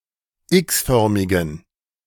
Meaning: inflection of x-förmig: 1. strong genitive masculine/neuter singular 2. weak/mixed genitive/dative all-gender singular 3. strong/weak/mixed accusative masculine singular 4. strong dative plural
- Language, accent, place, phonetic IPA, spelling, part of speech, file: German, Germany, Berlin, [ˈɪksˌfœʁmɪɡn̩], x-förmigen, adjective, De-x-förmigen.ogg